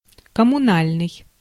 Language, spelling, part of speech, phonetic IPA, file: Russian, коммунальный, adjective, [kəmʊˈnalʲnɨj], Ru-коммунальный.ogg
- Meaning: communal, public, municipal